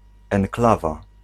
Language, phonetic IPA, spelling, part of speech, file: Polish, [ɛ̃ŋˈklava], enklawa, noun, Pl-enklawa.ogg